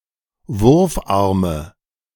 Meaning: nominative/accusative/genitive plural of Wurfarm
- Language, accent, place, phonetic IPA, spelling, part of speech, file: German, Germany, Berlin, [ˈvʊʁfˌʔaʁmə], Wurfarme, noun, De-Wurfarme.ogg